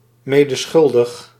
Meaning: complicit, accessory
- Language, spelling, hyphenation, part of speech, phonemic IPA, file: Dutch, medeschuldig, me‧de‧schul‧dig, adjective, /ˈmeː.dəˌsxʏl.dəx/, Nl-medeschuldig.ogg